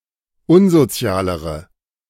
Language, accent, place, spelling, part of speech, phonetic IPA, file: German, Germany, Berlin, unsozialere, adjective, [ˈʊnzoˌt͡si̯aːləʁə], De-unsozialere.ogg
- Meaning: inflection of unsozial: 1. strong/mixed nominative/accusative feminine singular comparative degree 2. strong nominative/accusative plural comparative degree